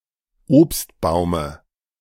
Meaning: dative of Obstbaum
- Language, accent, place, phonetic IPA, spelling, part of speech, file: German, Germany, Berlin, [ˈoːpstˌbaʊ̯mə], Obstbaume, noun, De-Obstbaume.ogg